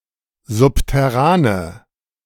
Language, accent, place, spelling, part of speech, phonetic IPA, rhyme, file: German, Germany, Berlin, subterrane, adjective, [ˌzʊptɛˈʁaːnə], -aːnə, De-subterrane.ogg
- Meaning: inflection of subterran: 1. strong/mixed nominative/accusative feminine singular 2. strong nominative/accusative plural 3. weak nominative all-gender singular